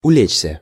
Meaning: 1. to lie down 2. to settle 3. to calm down, to subside
- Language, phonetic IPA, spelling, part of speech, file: Russian, [ʊˈlʲet͡ɕsʲə], улечься, verb, Ru-улечься.ogg